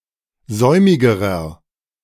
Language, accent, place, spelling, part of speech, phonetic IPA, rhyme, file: German, Germany, Berlin, säumigerer, adjective, [ˈzɔɪ̯mɪɡəʁɐ], -ɔɪ̯mɪɡəʁɐ, De-säumigerer.ogg
- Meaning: inflection of säumig: 1. strong/mixed nominative masculine singular comparative degree 2. strong genitive/dative feminine singular comparative degree 3. strong genitive plural comparative degree